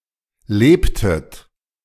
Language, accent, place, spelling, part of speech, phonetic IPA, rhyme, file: German, Germany, Berlin, lebtet, verb, [ˈleːptət], -eːptət, De-lebtet.ogg
- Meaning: inflection of leben: 1. second-person plural preterite 2. second-person plural subjunctive II